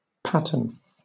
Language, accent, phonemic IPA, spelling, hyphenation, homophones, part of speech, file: English, Southern England, /ˈpæ̞t(ə)n/, pattern, pat‧tern, paten / patten, noun / verb / adjective, LL-Q1860 (eng)-pattern.wav
- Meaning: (noun) Model, example.: 1. Something from which a copy is made; a model or outline 2. Someone or something seen as an example to be imitated; an exemplar 3. A copy